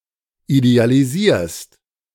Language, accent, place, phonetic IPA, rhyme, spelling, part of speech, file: German, Germany, Berlin, [idealiˈziːɐ̯st], -iːɐ̯st, idealisierst, verb, De-idealisierst.ogg
- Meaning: second-person singular present of idealisieren